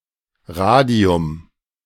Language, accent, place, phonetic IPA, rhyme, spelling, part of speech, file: German, Germany, Berlin, [ˈʁaːdi̯ʊm], -aːdi̯ʊm, Radium, noun, De-Radium.ogg
- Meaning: radium